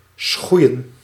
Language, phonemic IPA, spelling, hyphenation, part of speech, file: Dutch, /ˈsxui̯ə(n)/, schoeien, schoe‧ien, verb, Nl-schoeien.ogg
- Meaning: to shoe